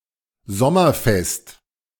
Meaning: that remains firm throughout the summer
- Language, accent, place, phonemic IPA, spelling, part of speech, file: German, Germany, Berlin, /ˈzɔmɐˌfɛst/, sommerfest, adjective, De-sommerfest.ogg